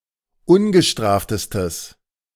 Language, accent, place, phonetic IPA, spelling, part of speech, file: German, Germany, Berlin, [ˈʊnɡəˌʃtʁaːftəstəs], ungestraftestes, adjective, De-ungestraftestes.ogg
- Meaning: strong/mixed nominative/accusative neuter singular superlative degree of ungestraft